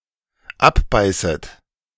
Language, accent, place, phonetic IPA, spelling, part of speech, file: German, Germany, Berlin, [ˈapˌbaɪ̯sət], abbeißet, verb, De-abbeißet.ogg
- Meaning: second-person plural dependent subjunctive I of abbeißen